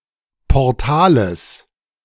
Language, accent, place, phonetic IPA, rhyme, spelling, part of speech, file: German, Germany, Berlin, [pɔʁˈtaːləs], -aːləs, Portales, noun, De-Portales.ogg
- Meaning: genitive singular of Portal